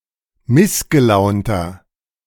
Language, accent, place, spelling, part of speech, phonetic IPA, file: German, Germany, Berlin, missgelaunter, adjective, [ˈmɪsɡəˌlaʊ̯ntɐ], De-missgelaunter.ogg
- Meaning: 1. comparative degree of missgelaunt 2. inflection of missgelaunt: strong/mixed nominative masculine singular 3. inflection of missgelaunt: strong genitive/dative feminine singular